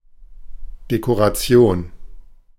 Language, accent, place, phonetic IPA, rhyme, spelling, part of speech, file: German, Germany, Berlin, [dekoʁaˈt͡si̯oːn], -oːn, Dekoration, noun, De-Dekoration.ogg
- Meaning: decoration